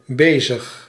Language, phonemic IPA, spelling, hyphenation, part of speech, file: Dutch, /ˈbeː.zəx/, bezig, be‧zig, adjective, Nl-bezig.ogg
- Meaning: 1. busy, occupied 2. in progress, on